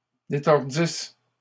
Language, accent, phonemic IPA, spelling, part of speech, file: French, Canada, /de.tɔʁ.dis/, détordisses, verb, LL-Q150 (fra)-détordisses.wav
- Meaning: second-person singular imperfect subjunctive of détordre